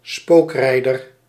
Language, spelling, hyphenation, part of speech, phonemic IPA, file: Dutch, spookrijder, spook‧rij‧der, noun, /ˈspoːkˌrɛi̯dər/, Nl-spookrijder.ogg
- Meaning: wrong-way driver, ghost driver; a person who drives on the wrong side of the road, into oncoming traffic